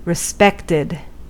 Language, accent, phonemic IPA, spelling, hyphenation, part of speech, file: English, US, /ɹɪˈspɛktɪd/, respected, re‧spect‧ed, adjective / verb, En-us-respected.ogg
- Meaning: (adjective) Deserving of respect; due special honor or appreciation; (verb) simple past and past participle of respect